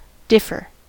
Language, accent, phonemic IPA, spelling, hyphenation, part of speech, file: English, General American, /ˈdɪfɚ/, differ, dif‧fer, verb / noun, En-us-differ.ogg
- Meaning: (verb) 1. Not to have the same traits or characteristics; to be unalike or distinct 2. Not to have the same traits or characteristics; to be unalike or distinct.: To be separated in quantity